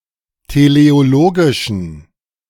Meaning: inflection of teleologisch: 1. strong genitive masculine/neuter singular 2. weak/mixed genitive/dative all-gender singular 3. strong/weak/mixed accusative masculine singular 4. strong dative plural
- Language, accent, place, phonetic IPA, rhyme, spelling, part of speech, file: German, Germany, Berlin, [teleoˈloːɡɪʃn̩], -oːɡɪʃn̩, teleologischen, adjective, De-teleologischen.ogg